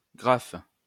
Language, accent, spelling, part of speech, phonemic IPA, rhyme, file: French, France, graphe, noun, /ɡʁaf/, -af, LL-Q150 (fra)-graphe.wav
- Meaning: graph